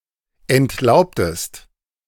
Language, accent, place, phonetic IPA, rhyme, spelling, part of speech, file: German, Germany, Berlin, [ɛntˈlaʊ̯ptəst], -aʊ̯ptəst, entlaubtest, verb, De-entlaubtest.ogg
- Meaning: inflection of entlauben: 1. second-person singular preterite 2. second-person singular subjunctive II